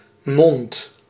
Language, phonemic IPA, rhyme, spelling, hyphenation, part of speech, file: Dutch, /mɔnt/, -ɔnt, mond, mond, noun, Nl-mond.ogg
- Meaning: 1. mouth 2. any mouthlike opening 3. hand